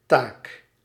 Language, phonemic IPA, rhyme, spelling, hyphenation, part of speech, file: Dutch, /taːk/, -aːk, taak, taak, noun, Nl-taak.ogg
- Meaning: task